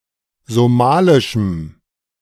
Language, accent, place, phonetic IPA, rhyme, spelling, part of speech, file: German, Germany, Berlin, [zoˈmaːlɪʃm̩], -aːlɪʃm̩, somalischem, adjective, De-somalischem.ogg
- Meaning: strong dative masculine/neuter singular of somalisch